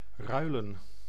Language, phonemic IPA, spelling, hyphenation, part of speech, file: Dutch, /ˈrœy̯.lə(n)/, ruilen, rui‧len, verb / noun, Nl-ruilen.ogg
- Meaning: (verb) 1. to swap, to exchange 2. to trade, to barter; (noun) plural of ruil